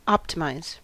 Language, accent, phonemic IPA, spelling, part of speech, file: English, US, /ˈɑptɪmaɪz/, optimize, verb, En-us-optimize.ogg
- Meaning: 1. To act optimistically or as an optimist 2. To make (something) optimal 3. To make (something) more efficient, such as a computer program 4. To become optimal